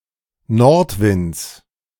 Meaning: genitive singular of Nordwind
- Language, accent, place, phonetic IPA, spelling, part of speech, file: German, Germany, Berlin, [ˈnɔʁtˌvɪnt͡s], Nordwinds, noun, De-Nordwinds.ogg